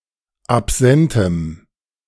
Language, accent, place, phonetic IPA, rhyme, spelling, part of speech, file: German, Germany, Berlin, [apˈzɛntəm], -ɛntəm, absentem, adjective, De-absentem.ogg
- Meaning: strong dative masculine/neuter singular of absent